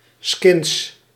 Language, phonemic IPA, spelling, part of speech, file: Dutch, /skɪns/, skins, noun, Nl-skins.ogg
- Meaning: plural of skin